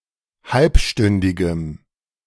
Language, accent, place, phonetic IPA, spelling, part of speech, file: German, Germany, Berlin, [ˈhalpˌʃtʏndɪɡəm], halbstündigem, adjective, De-halbstündigem.ogg
- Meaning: strong dative masculine/neuter singular of halbstündig